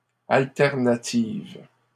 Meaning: feminine plural of alternatif
- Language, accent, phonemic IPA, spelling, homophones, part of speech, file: French, Canada, /al.tɛʁ.na.tiv/, alternatives, alternative, adjective, LL-Q150 (fra)-alternatives.wav